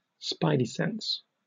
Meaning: An intuitive feeling, usually of something being dangerous or risky; (more generally) instinct, intuition
- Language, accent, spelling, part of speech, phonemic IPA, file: English, Received Pronunciation, Spidey sense, noun, /ˈspaɪdi ˌsɛn(t)s/, En-uk-Spidey-sense.oga